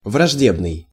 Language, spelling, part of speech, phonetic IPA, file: Russian, враждебный, adjective, [vrɐʐˈdʲebnɨj], Ru-враждебный.ogg
- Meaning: 1. hostile, inimical 2. malevolent (aspiring to cause harm)